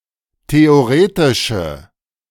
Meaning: inflection of theoretisch: 1. strong/mixed nominative/accusative feminine singular 2. strong nominative/accusative plural 3. weak nominative all-gender singular
- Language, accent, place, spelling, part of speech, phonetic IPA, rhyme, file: German, Germany, Berlin, theoretische, adjective, [teoˈʁeːtɪʃə], -eːtɪʃə, De-theoretische.ogg